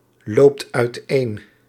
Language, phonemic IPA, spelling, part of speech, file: Dutch, /ˈlopt œytˈen/, loopt uiteen, verb, Nl-loopt uiteen.ogg
- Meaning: inflection of uiteenlopen: 1. second/third-person singular present indicative 2. plural imperative